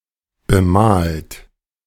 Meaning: 1. past participle of bemalen 2. inflection of bemalen: second-person plural present 3. inflection of bemalen: third-person singular present 4. inflection of bemalen: plural imperative
- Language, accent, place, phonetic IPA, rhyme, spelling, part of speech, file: German, Germany, Berlin, [bəˈmaːlt], -aːlt, bemalt, verb, De-bemalt.ogg